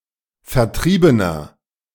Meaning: inflection of vertrieben: 1. strong/mixed nominative masculine singular 2. strong genitive/dative feminine singular 3. strong genitive plural
- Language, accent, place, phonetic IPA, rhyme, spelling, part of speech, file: German, Germany, Berlin, [fɛɐ̯ˈtʁiːbənɐ], -iːbənɐ, vertriebener, adjective, De-vertriebener.ogg